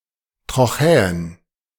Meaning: trochee
- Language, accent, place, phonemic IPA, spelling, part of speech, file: German, Germany, Berlin, /tʁɔˈxɛːʊs/, Trochäus, noun, De-Trochäus.ogg